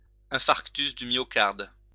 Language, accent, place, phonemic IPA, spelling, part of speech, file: French, France, Lyon, /ɛ̃.faʁk.tys dy mjɔ.kaʁd/, infarctus du myocarde, noun, LL-Q150 (fra)-infarctus du myocarde.wav
- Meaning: myocardial infarction